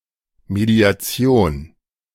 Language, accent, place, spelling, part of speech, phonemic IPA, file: German, Germany, Berlin, Mediation, noun, /medi̯aˈt͡si̯oːn/, De-Mediation.ogg
- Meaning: mediation